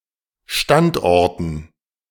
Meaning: dative plural of Standort
- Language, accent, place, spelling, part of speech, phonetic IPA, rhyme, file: German, Germany, Berlin, Standorten, noun, [ˈʃtantˌʔɔʁtn̩], -antʔɔʁtn̩, De-Standorten.ogg